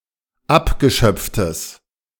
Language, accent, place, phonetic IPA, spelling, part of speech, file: German, Germany, Berlin, [ˈapɡəˌʃœp͡ftəs], abgeschöpftes, adjective, De-abgeschöpftes.ogg
- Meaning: strong/mixed nominative/accusative neuter singular of abgeschöpft